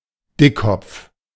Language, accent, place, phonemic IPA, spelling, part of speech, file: German, Germany, Berlin, /ˈdɪkˌkɔpf/, Dickkopf, noun, De-Dickkopf.ogg
- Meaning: 1. someone with a big head 2. stubborn person; mule 3. stubbornness; intransigent attitude; unyielding attitude 4. European chub (a fish) 5. a butterfly of the family Hesperiidae (Dickkopffalter)